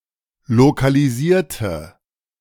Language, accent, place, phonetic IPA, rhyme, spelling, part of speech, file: German, Germany, Berlin, [lokaliˈziːɐ̯tə], -iːɐ̯tə, lokalisierte, adjective / verb, De-lokalisierte.ogg
- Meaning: inflection of lokalisieren: 1. first/third-person singular preterite 2. first/third-person singular subjunctive II